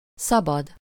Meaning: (adjective) 1. free to move or act according to one's will 2. free, unoccupied, vacant, available to use 3. allowed, permitted 4. free, unoccupied, available 5. open, unobstructed, unhindered
- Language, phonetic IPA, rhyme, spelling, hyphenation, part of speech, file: Hungarian, [ˈsɒbɒd], -ɒd, szabad, sza‧bad, adjective / noun / verb / interjection, Hu-szabad.ogg